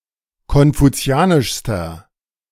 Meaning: inflection of konfuzianisch: 1. strong/mixed nominative masculine singular superlative degree 2. strong genitive/dative feminine singular superlative degree
- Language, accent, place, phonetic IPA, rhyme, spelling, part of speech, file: German, Germany, Berlin, [kɔnfuˈt͡si̯aːnɪʃstɐ], -aːnɪʃstɐ, konfuzianischster, adjective, De-konfuzianischster.ogg